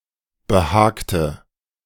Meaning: inflection of behagen: 1. first/third-person singular preterite 2. first/third-person singular subjunctive II
- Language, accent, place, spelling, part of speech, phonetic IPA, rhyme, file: German, Germany, Berlin, behagte, verb, [bəˈhaːktə], -aːktə, De-behagte.ogg